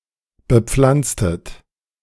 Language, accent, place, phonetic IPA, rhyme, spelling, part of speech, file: German, Germany, Berlin, [bəˈp͡flant͡stət], -ant͡stət, bepflanztet, verb, De-bepflanztet.ogg
- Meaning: inflection of bepflanzen: 1. second-person plural preterite 2. second-person plural subjunctive II